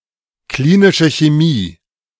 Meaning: clinical chemistry
- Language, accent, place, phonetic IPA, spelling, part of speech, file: German, Germany, Berlin, [ˈkliːnɪʃə çeˈmiː], klinische Chemie, phrase, De-klinische Chemie.ogg